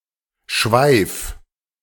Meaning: tail (of animal - particularly a bushy one, like that of a squirrel or horse; of comet)
- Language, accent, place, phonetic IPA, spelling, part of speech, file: German, Germany, Berlin, [ʃvaɪ̯f], Schweif, noun, De-Schweif.ogg